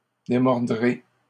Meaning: second-person plural simple future of démordre
- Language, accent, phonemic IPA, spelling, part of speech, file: French, Canada, /de.mɔʁ.dʁe/, démordrez, verb, LL-Q150 (fra)-démordrez.wav